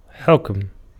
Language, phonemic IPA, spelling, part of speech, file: Arabic, /ħukm/, حكم, noun, Ar-حُكم.ogg
- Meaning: 1. verbal noun of حَكَمَ (ḥakama, “to command, to judge, to sentence”) (form I) 2. sentence, judgment 3. jurisdiction 4. power, authority 5. magistrate 6. government 7. decree, command, precept